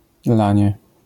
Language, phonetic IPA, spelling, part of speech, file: Polish, [ˈlãɲɛ], lanie, noun, LL-Q809 (pol)-lanie.wav